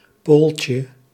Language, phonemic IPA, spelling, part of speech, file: Dutch, /ˈpulcə/, pooltje, noun, Nl-pooltje.ogg
- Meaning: diminutive of pool